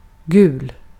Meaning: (adjective) yellow
- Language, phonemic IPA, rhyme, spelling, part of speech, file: Swedish, /ɡʉːl/, -ʉːl, gul, adjective / noun, Sv-gul.ogg